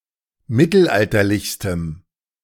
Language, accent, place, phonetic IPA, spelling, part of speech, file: German, Germany, Berlin, [ˈmɪtl̩ˌʔaltɐlɪçstəm], mittelalterlichstem, adjective, De-mittelalterlichstem.ogg
- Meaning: strong dative masculine/neuter singular superlative degree of mittelalterlich